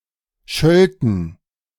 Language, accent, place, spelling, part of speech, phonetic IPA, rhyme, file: German, Germany, Berlin, schölten, verb, [ˈʃœltn̩], -œltn̩, De-schölten.ogg
- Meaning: first-person plural subjunctive II of schelten